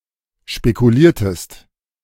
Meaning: inflection of spekulieren: 1. second-person singular preterite 2. second-person singular subjunctive II
- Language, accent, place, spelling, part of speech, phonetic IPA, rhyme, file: German, Germany, Berlin, spekuliertest, verb, [ʃpekuˈliːɐ̯təst], -iːɐ̯təst, De-spekuliertest.ogg